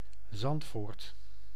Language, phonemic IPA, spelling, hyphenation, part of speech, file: Dutch, /ˈzɑnt.foːrt/, Zandvoort, Zand‧voort, proper noun, Nl-Zandvoort.ogg
- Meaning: 1. Zandvoort (a village, municipality, and beach resort in North Holland, Netherlands) 2. a hamlet in Lingewaard, Gelderland, Netherlands 3. a neighbourhood of Baarn, Utrecht, Netherlands